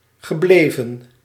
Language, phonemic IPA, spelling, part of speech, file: Dutch, /ɣəˈblevə(n)/, gebleven, verb, Nl-gebleven.ogg
- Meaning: past participle of blijven